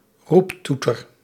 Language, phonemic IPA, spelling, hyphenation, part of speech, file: Dutch, /ˈrupˌtu.tər/, roeptoeter, roep‧toe‧ter, noun, Nl-roeptoeter.ogg
- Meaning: 1. loudhailer, blowhorn, megaphone 2. mouthpiece, something that relays discourse, especially opinion 3. loudmouth, blowhard (usually connoting that one proclaims simplistic opinions)